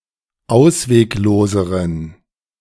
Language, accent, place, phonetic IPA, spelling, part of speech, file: German, Germany, Berlin, [ˈaʊ̯sveːkˌloːzəʁən], auswegloseren, adjective, De-auswegloseren.ogg
- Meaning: inflection of ausweglos: 1. strong genitive masculine/neuter singular comparative degree 2. weak/mixed genitive/dative all-gender singular comparative degree